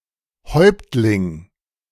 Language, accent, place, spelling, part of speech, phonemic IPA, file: German, Germany, Berlin, Häuptling, noun, /ˈhɔʏ̯p(t).lɪŋ/, De-Häuptling.ogg
- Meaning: 1. chief (leader or co-leader of a tribe) 2. high member of the Frisian nobility 3. leader of some other kind 4. patriarch (leader of a family)